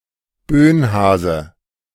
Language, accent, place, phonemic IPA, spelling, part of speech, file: German, Germany, Berlin, /ˈbøːnˌhaːzə/, Bönhase, noun, De-Bönhase.ogg
- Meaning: 1. cat; roof rabbit 2. A skilled manual worker or craftsperson who works illegally, originally without the concession of the respective guild 3. botcher; bungler (incompetent worker)